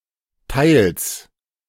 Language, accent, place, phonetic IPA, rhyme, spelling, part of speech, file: German, Germany, Berlin, [taɪ̯ls], -aɪ̯ls, teils, adverb, De-teils.ogg
- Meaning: partly, partially